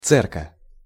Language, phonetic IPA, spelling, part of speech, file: Russian, [ˈt͡sɛrkə], церка, noun, Ru-церка.ogg
- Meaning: cercus (one of a pair of appendages attached to the last abdominal segment of certain insects)